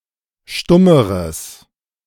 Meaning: strong/mixed nominative/accusative neuter singular comparative degree of stumm
- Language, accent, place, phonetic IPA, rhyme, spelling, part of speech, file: German, Germany, Berlin, [ˈʃtʊməʁəs], -ʊməʁəs, stummeres, adjective, De-stummeres.ogg